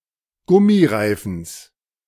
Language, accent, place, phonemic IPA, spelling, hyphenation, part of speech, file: German, Germany, Berlin, /ˈɡʊmiˌʁaɪ̯fn̩s/, Gummireifens, Gum‧mi‧rei‧fens, noun, De-Gummireifens.ogg
- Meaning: genitive singular of Gummireifen